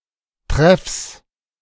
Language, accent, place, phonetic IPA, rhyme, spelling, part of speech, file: German, Germany, Berlin, [tʁɛfs], -ɛfs, Treffs, noun, De-Treffs.ogg
- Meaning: 1. genitive singular of Treff 2. plural of Treff